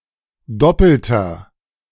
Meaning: inflection of doppelt: 1. strong/mixed nominative masculine singular 2. strong genitive/dative feminine singular 3. strong genitive plural
- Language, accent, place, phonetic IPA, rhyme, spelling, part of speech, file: German, Germany, Berlin, [ˈdɔpl̩tɐ], -ɔpl̩tɐ, doppelter, adjective, De-doppelter.ogg